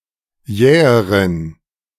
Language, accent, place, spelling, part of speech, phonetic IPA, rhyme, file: German, Germany, Berlin, jäheren, adjective, [ˈjɛːəʁən], -ɛːəʁən, De-jäheren.ogg
- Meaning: inflection of jäh: 1. strong genitive masculine/neuter singular comparative degree 2. weak/mixed genitive/dative all-gender singular comparative degree